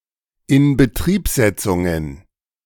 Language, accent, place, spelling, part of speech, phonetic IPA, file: German, Germany, Berlin, Inbetriebsetzungen, noun, [ɪnbəˈtʁiːpˌzɛt͡sʊŋən], De-Inbetriebsetzungen.ogg
- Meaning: plural of Inbetriebsetzung